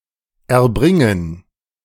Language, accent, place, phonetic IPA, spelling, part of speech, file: German, Germany, Berlin, [ʔɛɐ̯ˈbʁɪŋən], erbringen, verb, De-erbringen.ogg
- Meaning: to render, yield, produce, give, furnish